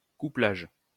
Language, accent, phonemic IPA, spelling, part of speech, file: French, France, /ku.plaʒ/, couplage, noun, LL-Q150 (fra)-couplage.wav
- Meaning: coupling